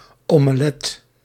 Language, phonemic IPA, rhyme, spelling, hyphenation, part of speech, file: Dutch, /oː.məˈlɛt/, -ɛt, omelet, ome‧let, noun, Nl-omelet.ogg
- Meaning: omelette